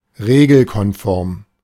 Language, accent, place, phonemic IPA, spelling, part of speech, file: German, Germany, Berlin, /ˈʁeːɡl̩kɔnˌfɔʁm/, regelkonform, adjective, De-regelkonform.ogg
- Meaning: lawful, legal, regulation